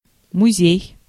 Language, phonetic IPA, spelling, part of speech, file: Russian, [mʊˈzʲej], музей, noun, Ru-музей.ogg
- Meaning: museum